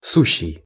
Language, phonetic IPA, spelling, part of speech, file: Russian, [ˈsuɕːɪj], сущий, verb / adjective, Ru-сущий.ogg
- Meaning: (verb) present active imperfective participle of быть (bytʹ); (adjective) 1. mere 2. sheer, rank 3. arrant (utter) 4. very 5. regular 6. great